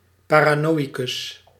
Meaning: a paranoid person, a paranoid
- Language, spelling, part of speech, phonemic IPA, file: Dutch, paranoïcus, noun, /ˌpaː.raːˈnoː.i.kʏs/, Nl-paranoïcus.ogg